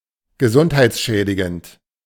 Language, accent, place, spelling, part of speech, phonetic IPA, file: German, Germany, Berlin, gesundheitsschädigend, adjective, [ɡəˈzʊnthaɪ̯t͡sˌʃɛːdɪɡənt], De-gesundheitsschädigend.ogg
- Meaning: harmful to health